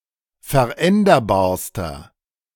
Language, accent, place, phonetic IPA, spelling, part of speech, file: German, Germany, Berlin, [fɛɐ̯ˈʔɛndɐbaːɐ̯stɐ], veränderbarster, adjective, De-veränderbarster.ogg
- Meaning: inflection of veränderbar: 1. strong/mixed nominative masculine singular superlative degree 2. strong genitive/dative feminine singular superlative degree 3. strong genitive plural superlative degree